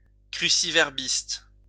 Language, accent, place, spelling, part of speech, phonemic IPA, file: French, France, Lyon, cruciverbiste, noun, /kʁy.si.vɛʁ.bist/, LL-Q150 (fra)-cruciverbiste.wav
- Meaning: crossworder